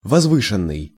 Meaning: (verb) past passive perfective participle of возвы́сить (vozvýsitʹ); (adjective) lofty, sublime
- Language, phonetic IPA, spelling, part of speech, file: Russian, [vɐzˈvɨʂɨn(ː)ɨj], возвышенный, verb / adjective, Ru-возвышенный.ogg